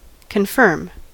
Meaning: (verb) 1. To strengthen; to make firm or resolute 2. To administer the sacrament of confirmation on (someone) 3. To assure the accuracy of previous statements 4. To approve a proposal or nomination
- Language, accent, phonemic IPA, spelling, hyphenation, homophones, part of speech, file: English, US, /kənˈfɝm/, confirm, con‧firm, conform, verb / adverb, En-us-confirm.ogg